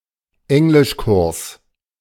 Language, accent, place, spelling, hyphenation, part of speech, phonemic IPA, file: German, Germany, Berlin, Englischkurs, Eng‧lisch‧kurs, noun, /ˈɛŋlɪʃˌkʊʁs/, De-Englischkurs.ogg
- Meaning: English language course